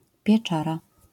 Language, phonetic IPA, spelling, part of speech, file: Polish, [pʲjɛˈt͡ʃara], pieczara, noun, LL-Q809 (pol)-pieczara.wav